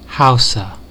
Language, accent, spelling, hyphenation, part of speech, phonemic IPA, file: English, US, Hausa, Hau‧sa, noun / proper noun, /ˈhaʊsə/, En-us-Hausa.ogg
- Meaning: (noun) A people living in Nigeria and part of Niger; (proper noun) The Chadic language spoken by these people